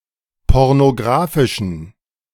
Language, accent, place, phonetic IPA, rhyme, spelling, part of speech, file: German, Germany, Berlin, [ˌpɔʁnoˈɡʁaːfɪʃn̩], -aːfɪʃn̩, pornografischen, adjective, De-pornografischen.ogg
- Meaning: inflection of pornografisch: 1. strong genitive masculine/neuter singular 2. weak/mixed genitive/dative all-gender singular 3. strong/weak/mixed accusative masculine singular 4. strong dative plural